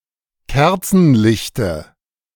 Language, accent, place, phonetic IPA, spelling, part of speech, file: German, Germany, Berlin, [ˈkɛʁt͡sn̩ˌlɪçtə], Kerzenlichte, noun, De-Kerzenlichte.ogg
- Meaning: dative singular of Kerzenlicht